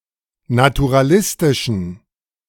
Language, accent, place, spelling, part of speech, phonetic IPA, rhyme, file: German, Germany, Berlin, naturalistischen, adjective, [natuʁaˈlɪstɪʃn̩], -ɪstɪʃn̩, De-naturalistischen.ogg
- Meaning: inflection of naturalistisch: 1. strong genitive masculine/neuter singular 2. weak/mixed genitive/dative all-gender singular 3. strong/weak/mixed accusative masculine singular 4. strong dative plural